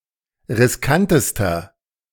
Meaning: inflection of riskant: 1. strong/mixed nominative masculine singular superlative degree 2. strong genitive/dative feminine singular superlative degree 3. strong genitive plural superlative degree
- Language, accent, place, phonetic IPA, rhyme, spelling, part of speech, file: German, Germany, Berlin, [ʁɪsˈkantəstɐ], -antəstɐ, riskantester, adjective, De-riskantester.ogg